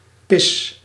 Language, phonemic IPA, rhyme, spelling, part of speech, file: Dutch, /pɪs/, -ɪs, pis, noun / verb, Nl-pis.ogg
- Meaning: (noun) 1. piss 2. cheap beer; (verb) inflection of pissen: 1. first-person singular present indicative 2. second-person singular present indicative 3. imperative